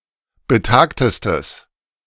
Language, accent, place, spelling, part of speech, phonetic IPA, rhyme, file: German, Germany, Berlin, betagtestes, adjective, [bəˈtaːktəstəs], -aːktəstəs, De-betagtestes.ogg
- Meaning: strong/mixed nominative/accusative neuter singular superlative degree of betagt